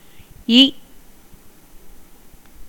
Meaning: The third vowel in Tamil
- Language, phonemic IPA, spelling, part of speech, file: Tamil, /iː/, இ, character, Ta-இ.ogg